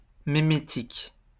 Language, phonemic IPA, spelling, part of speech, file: French, /me.me.tik/, mémétique, noun / adjective, LL-Q150 (fra)-mémétique.wav
- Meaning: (noun) the study of memes; memetics; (adjective) meme; memetic